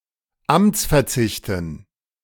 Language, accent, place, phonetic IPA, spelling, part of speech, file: German, Germany, Berlin, [ˈamt͡sfɛɐ̯ˌt͡sɪçtn̩], Amtsverzichten, noun, De-Amtsverzichten.ogg
- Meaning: dative plural of Amtsverzicht